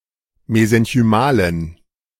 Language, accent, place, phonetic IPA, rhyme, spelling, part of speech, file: German, Germany, Berlin, [mezɛnçyˈmaːlən], -aːlən, mesenchymalen, adjective, De-mesenchymalen.ogg
- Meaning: inflection of mesenchymal: 1. strong genitive masculine/neuter singular 2. weak/mixed genitive/dative all-gender singular 3. strong/weak/mixed accusative masculine singular 4. strong dative plural